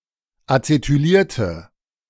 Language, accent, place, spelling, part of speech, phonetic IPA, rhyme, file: German, Germany, Berlin, acetylierte, adjective / verb, [at͡setyˈliːɐ̯tə], -iːɐ̯tə, De-acetylierte.ogg
- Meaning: inflection of acetyliert: 1. strong/mixed nominative/accusative feminine singular 2. strong nominative/accusative plural 3. weak nominative all-gender singular